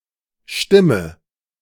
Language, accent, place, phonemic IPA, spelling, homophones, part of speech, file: German, Germany, Berlin, /ˈʃtɪmə/, stimme, Stimme, verb, De-stimme.ogg
- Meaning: inflection of stimmen: 1. first-person singular present 2. first/third-person singular subjunctive I 3. singular imperative